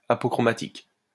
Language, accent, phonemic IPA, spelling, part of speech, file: French, France, /a.po.kʁɔ.ma.tik/, apochromatique, adjective, LL-Q150 (fra)-apochromatique.wav
- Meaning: apochromatic